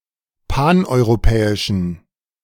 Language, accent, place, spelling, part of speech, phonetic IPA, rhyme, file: German, Germany, Berlin, paneuropäischen, adjective, [ˌpanʔɔɪ̯ʁoˈpɛːɪʃn̩], -ɛːɪʃn̩, De-paneuropäischen.ogg
- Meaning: inflection of paneuropäisch: 1. strong genitive masculine/neuter singular 2. weak/mixed genitive/dative all-gender singular 3. strong/weak/mixed accusative masculine singular 4. strong dative plural